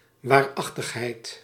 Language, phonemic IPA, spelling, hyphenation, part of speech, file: Dutch, /warɑˈxtəxhɛit/, waarachtigheid, waar‧ach‧tig‧heid, noun, Nl-waarachtigheid.ogg
- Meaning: genuineness, realness